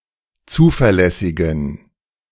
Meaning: inflection of zuverlässig: 1. strong genitive masculine/neuter singular 2. weak/mixed genitive/dative all-gender singular 3. strong/weak/mixed accusative masculine singular 4. strong dative plural
- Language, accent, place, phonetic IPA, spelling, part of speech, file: German, Germany, Berlin, [ˈt͡suːfɛɐ̯ˌlɛsɪɡn̩], zuverlässigen, adjective, De-zuverlässigen.ogg